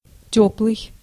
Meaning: warm
- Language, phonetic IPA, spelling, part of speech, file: Russian, [ˈtʲɵpɫɨj], тёплый, adjective, Ru-тёплый.ogg